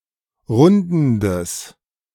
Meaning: strong/mixed nominative/accusative neuter singular of rundend
- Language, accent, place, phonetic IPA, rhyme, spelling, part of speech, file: German, Germany, Berlin, [ˈʁʊndn̩dəs], -ʊndn̩dəs, rundendes, adjective, De-rundendes.ogg